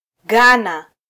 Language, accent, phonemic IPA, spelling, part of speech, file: Swahili, Kenya, /ˈɠɑ.nɑ/, Ghana, proper noun, Sw-ke-Ghana.flac
- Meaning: Ghana (a country in West Africa)